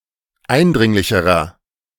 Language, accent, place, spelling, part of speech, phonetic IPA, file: German, Germany, Berlin, eindringlicherer, adjective, [ˈaɪ̯nˌdʁɪŋlɪçəʁɐ], De-eindringlicherer.ogg
- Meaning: inflection of eindringlich: 1. strong/mixed nominative masculine singular comparative degree 2. strong genitive/dative feminine singular comparative degree 3. strong genitive plural comparative degree